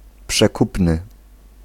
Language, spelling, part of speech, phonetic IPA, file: Polish, przekupny, adjective, [pʃɛˈkupnɨ], Pl-przekupny.ogg